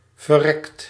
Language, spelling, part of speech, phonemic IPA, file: Dutch, verrekt, verb / adjective / adverb, /vəˈrɛkt/, Nl-verrekt.ogg
- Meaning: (adjective) damned; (verb) 1. inflection of verrekken: second/third-person singular present indicative 2. inflection of verrekken: plural imperative 3. past participle of verrekken